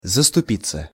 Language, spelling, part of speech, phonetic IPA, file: Russian, заступиться, verb, [zəstʊˈpʲit͡sːə], Ru-заступиться.ogg
- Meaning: to intercede (for), to plead (for), to take the part (of), to stand up (for), to stick up (for)